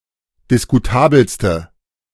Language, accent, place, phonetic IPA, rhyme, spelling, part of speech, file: German, Germany, Berlin, [dɪskuˈtaːbl̩stə], -aːbl̩stə, diskutabelste, adjective, De-diskutabelste.ogg
- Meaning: inflection of diskutabel: 1. strong/mixed nominative/accusative feminine singular superlative degree 2. strong nominative/accusative plural superlative degree